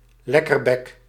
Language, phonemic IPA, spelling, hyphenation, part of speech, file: Dutch, /ˈlɛ.kərˌbɛk/, lekkerbek, lek‧ker‧bek, noun, Nl-lekkerbek.ogg
- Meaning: gourmand